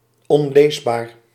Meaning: unreadable, illegible
- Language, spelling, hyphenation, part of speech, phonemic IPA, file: Dutch, onleesbaar, on‧lees‧baar, adjective, /ˌɔnˈleːs.baːr/, Nl-onleesbaar.ogg